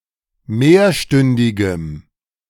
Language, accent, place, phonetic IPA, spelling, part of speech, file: German, Germany, Berlin, [ˈmeːɐ̯ˌʃtʏndɪɡəm], mehrstündigem, adjective, De-mehrstündigem.ogg
- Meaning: strong dative masculine/neuter singular of mehrstündig